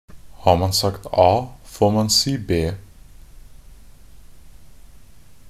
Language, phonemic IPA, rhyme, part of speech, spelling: Norwegian Bokmål, /hɑːr man sakt ɑː foːr man siː beː/, -eː, proverb, har man sagt a, får man si b
- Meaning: if you have started something, you should finish it and take the consequence of it (literally: if you have said a, you should say b)